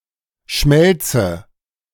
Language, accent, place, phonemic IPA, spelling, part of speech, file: German, Germany, Berlin, /ˈʃmɛlt͡sə/, Schmelze, noun, De-Schmelze.ogg
- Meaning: melt